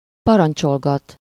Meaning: to order about, keep on giving orders
- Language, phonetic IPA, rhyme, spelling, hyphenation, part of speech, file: Hungarian, [ˈpɒrɒnt͡ʃolɡɒt], -ɒt, parancsolgat, pa‧ran‧csol‧gat, verb, Hu-parancsolgat.ogg